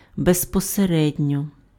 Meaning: directly, immediately (not obliquely, without deviation)
- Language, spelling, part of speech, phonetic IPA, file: Ukrainian, безпосередньо, adverb, [bezpɔseˈrɛdʲnʲɔ], Uk-безпосередньо.ogg